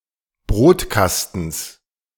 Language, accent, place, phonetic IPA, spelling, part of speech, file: German, Germany, Berlin, [ˈbʁoːtˌkastn̩s], Brotkastens, noun, De-Brotkastens.ogg
- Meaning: genitive singular of Brotkasten